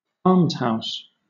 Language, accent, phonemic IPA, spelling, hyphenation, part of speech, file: English, Southern England, /ˈɑːmzhaʊs/, armshouse, arms‧house, noun, LL-Q1860 (eng)-armshouse.wav
- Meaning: 1. Bloodshed, violence 2. Misspelling of almshouse